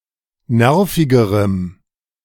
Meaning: strong dative masculine/neuter singular comparative degree of nervig
- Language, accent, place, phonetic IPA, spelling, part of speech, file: German, Germany, Berlin, [ˈnɛʁfɪɡəʁəm], nervigerem, adjective, De-nervigerem.ogg